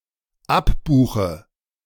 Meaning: inflection of abbuchen: 1. first-person singular dependent present 2. first/third-person singular dependent subjunctive I
- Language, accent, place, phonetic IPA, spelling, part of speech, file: German, Germany, Berlin, [ˈapˌbuːxə], abbuche, verb, De-abbuche.ogg